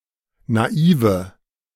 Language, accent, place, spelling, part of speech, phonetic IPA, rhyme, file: German, Germany, Berlin, naive, adjective, [naˈiːvə], -iːvə, De-naive.ogg
- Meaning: inflection of naiv: 1. strong/mixed nominative/accusative feminine singular 2. strong nominative/accusative plural 3. weak nominative all-gender singular 4. weak accusative feminine/neuter singular